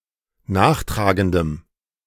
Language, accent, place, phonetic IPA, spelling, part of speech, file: German, Germany, Berlin, [ˈnaːxˌtʁaːɡəndəm], nachtragendem, adjective, De-nachtragendem.ogg
- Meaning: strong dative masculine/neuter singular of nachtragend